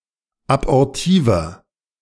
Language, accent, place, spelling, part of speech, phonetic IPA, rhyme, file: German, Germany, Berlin, abortiver, adjective, [abɔʁˈtiːvɐ], -iːvɐ, De-abortiver.ogg
- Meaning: 1. comparative degree of abortiv 2. inflection of abortiv: strong/mixed nominative masculine singular 3. inflection of abortiv: strong genitive/dative feminine singular